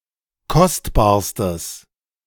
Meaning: strong/mixed nominative/accusative neuter singular superlative degree of kostbar
- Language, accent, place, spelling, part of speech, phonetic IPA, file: German, Germany, Berlin, kostbarstes, adjective, [ˈkɔstbaːɐ̯stəs], De-kostbarstes.ogg